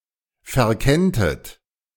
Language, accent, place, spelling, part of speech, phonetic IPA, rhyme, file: German, Germany, Berlin, verkenntet, verb, [fɛɐ̯ˈkɛntət], -ɛntət, De-verkenntet.ogg
- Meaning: second-person plural subjunctive I of verkennen